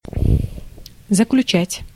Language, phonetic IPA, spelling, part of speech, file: Russian, [zəklʲʉˈt͡ɕætʲ], заключать, verb, Ru-заключать.ogg
- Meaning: 1. to conclude, to close, to end 2. to conclude, to infer 3. to conclude 4. to enclose, to put 5. to confine, to imprison, to incarcerate